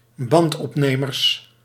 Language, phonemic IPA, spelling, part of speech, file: Dutch, /ˈbɑntɔpnemərs/, bandopnemers, noun, Nl-bandopnemers.ogg
- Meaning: plural of bandopnemer